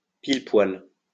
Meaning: smack-dab, smack bang
- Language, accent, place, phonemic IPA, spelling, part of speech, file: French, France, Lyon, /pil.pwal/, pile-poil, adverb, LL-Q150 (fra)-pile-poil.wav